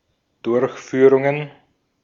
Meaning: plural of Durchführung
- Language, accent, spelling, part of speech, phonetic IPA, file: German, Austria, Durchführungen, noun, [ˈdʊʁçfyːʁʊŋən], De-at-Durchführungen.ogg